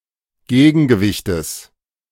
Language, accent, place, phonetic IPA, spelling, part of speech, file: German, Germany, Berlin, [ˈɡeːɡn̩ɡəˌvɪçtəs], Gegengewichtes, noun, De-Gegengewichtes.ogg
- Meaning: genitive singular of Gegengewicht